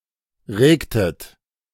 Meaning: inflection of regen: 1. second-person plural preterite 2. second-person plural subjunctive II
- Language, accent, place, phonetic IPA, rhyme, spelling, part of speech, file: German, Germany, Berlin, [ˈʁeːktət], -eːktət, regtet, verb, De-regtet.ogg